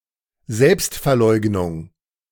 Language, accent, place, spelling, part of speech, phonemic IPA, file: German, Germany, Berlin, Selbstverleugnung, noun, /ˈzɛlpstfɛɐ̯ˌlɔɪ̯ɡnʊŋ/, De-Selbstverleugnung.ogg
- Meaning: self-denial, self-abnegation